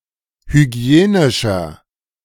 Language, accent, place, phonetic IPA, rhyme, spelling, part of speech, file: German, Germany, Berlin, [hyˈɡi̯eːnɪʃɐ], -eːnɪʃɐ, hygienischer, adjective, De-hygienischer.ogg
- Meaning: 1. comparative degree of hygienisch 2. inflection of hygienisch: strong/mixed nominative masculine singular 3. inflection of hygienisch: strong genitive/dative feminine singular